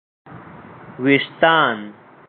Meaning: hair
- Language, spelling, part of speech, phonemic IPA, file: Pashto, وېښتان, noun, /weʃˈt̪ɑn/, وېښتان-مروت.ogg